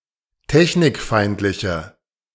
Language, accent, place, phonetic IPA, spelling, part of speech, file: German, Germany, Berlin, [ˈtɛçnɪkˌfaɪ̯ntlɪçə], technikfeindliche, adjective, De-technikfeindliche.ogg
- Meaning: inflection of technikfeindlich: 1. strong/mixed nominative/accusative feminine singular 2. strong nominative/accusative plural 3. weak nominative all-gender singular